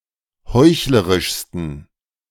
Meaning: 1. superlative degree of heuchlerisch 2. inflection of heuchlerisch: strong genitive masculine/neuter singular superlative degree
- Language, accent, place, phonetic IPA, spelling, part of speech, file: German, Germany, Berlin, [ˈhɔɪ̯çləʁɪʃstn̩], heuchlerischsten, adjective, De-heuchlerischsten.ogg